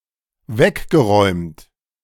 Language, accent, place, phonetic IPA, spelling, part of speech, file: German, Germany, Berlin, [ˈvɛkɡəˌʁɔɪ̯mt], weggeräumt, verb, De-weggeräumt.ogg
- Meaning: past participle of wegräumen